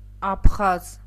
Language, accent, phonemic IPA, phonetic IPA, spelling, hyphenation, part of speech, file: Armenian, Eastern Armenian, /ɑpʰˈχɑz/, [ɑpʰχɑ́z], աբխազ, աբ‧խազ, noun, Hy-աբխազ.ogg
- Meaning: Abkhaz, Abkhazian (person)